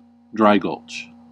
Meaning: To murder; to attack, assault, especially in an ambush
- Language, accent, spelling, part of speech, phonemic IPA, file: English, US, drygulch, verb, /ˈdɹaɪ.ɡʌlt͡ʃ/, En-us-drygulch.ogg